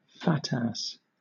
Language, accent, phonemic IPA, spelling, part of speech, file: English, Southern England, /ˈfætæs/, fat-ass, noun, LL-Q1860 (eng)-fat-ass.wav
- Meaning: 1. A rotund, overweight, or obese person 2. A jibe used on someone disliked, frequently someone regarded as lazy